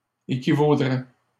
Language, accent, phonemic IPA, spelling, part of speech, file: French, Canada, /e.ki.vo.dʁɛ/, équivaudraient, verb, LL-Q150 (fra)-équivaudraient.wav
- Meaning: third-person plural conditional of équivaloir